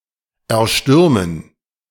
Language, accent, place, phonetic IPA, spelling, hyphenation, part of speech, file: German, Germany, Berlin, [ɛɐ̯ˈʃtʏʁmən], erstürmen, er‧stür‧men, verb, De-erstürmen.ogg
- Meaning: to take by storm